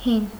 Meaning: old; ancient
- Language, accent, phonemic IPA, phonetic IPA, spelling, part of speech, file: Armenian, Eastern Armenian, /hin/, [hin], հին, adjective, Hy-հին.ogg